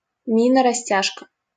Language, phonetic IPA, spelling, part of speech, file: Russian, [rɐˈsʲtʲaʂkə], растяжка, noun, LL-Q7737 (rus)-растяжка.wav
- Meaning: 1. stretching, extension, lengthening out 2. stretch, flexibility 3. device for stretching 4. tripwire; mine or grenade triggered by a tripwire